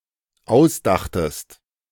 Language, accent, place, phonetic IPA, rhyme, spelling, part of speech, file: German, Germany, Berlin, [ˈaʊ̯sˌdaxtəst], -aʊ̯sdaxtəst, ausdachtest, verb, De-ausdachtest.ogg
- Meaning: second-person singular dependent preterite of ausdenken